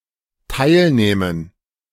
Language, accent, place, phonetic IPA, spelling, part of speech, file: German, Germany, Berlin, [ˈtaɪ̯lˌnɛːmən], teilnähmen, verb, De-teilnähmen.ogg
- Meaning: first/third-person plural dependent subjunctive II of teilnehmen